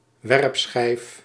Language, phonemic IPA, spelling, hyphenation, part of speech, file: Dutch, /ˈʋɛrp.sxɛi̯f/, werpschijf, werp‧schijf, noun, Nl-werpschijf.ogg
- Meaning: discus